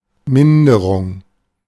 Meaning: 1. decimation 2. decline, decrease 3. decrementation 4. depression 5. deterioration 6. diminution 7. drop-off 8. impairment 9. lessening 10. loss 11. lowering, reduction 12. mitigation
- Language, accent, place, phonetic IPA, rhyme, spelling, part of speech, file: German, Germany, Berlin, [ˈmɪndəʁʊŋ], -ɪndəʁʊŋ, Minderung, noun, De-Minderung.ogg